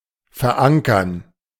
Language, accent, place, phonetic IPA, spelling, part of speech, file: German, Germany, Berlin, [fɛɐˈʔaŋkɐn], verankern, verb, De-verankern.ogg
- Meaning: 1. to anchor 2. to enshrine (to protect within an official law or treaty)